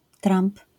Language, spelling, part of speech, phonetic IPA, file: Polish, tramp, noun, [trãmp], LL-Q809 (pol)-tramp.wav